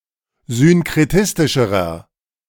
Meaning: inflection of synkretistisch: 1. strong/mixed nominative masculine singular comparative degree 2. strong genitive/dative feminine singular comparative degree
- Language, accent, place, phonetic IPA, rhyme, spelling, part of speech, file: German, Germany, Berlin, [zʏnkʁeˈtɪstɪʃəʁɐ], -ɪstɪʃəʁɐ, synkretistischerer, adjective, De-synkretistischerer.ogg